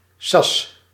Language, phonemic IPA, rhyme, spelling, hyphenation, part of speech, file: Dutch, /sɑs/, -ɑs, sas, sas, noun, Nl-sas.ogg
- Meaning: 1. good spirit 2. sluice 3. an explosive or highly flammable compound used in various explosives such as early artillery projectiles